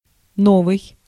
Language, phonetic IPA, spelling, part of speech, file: Russian, [ˈnovɨj], новый, adjective, Ru-новый.ogg
- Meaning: 1. new 2. novel 3. recent 4. modern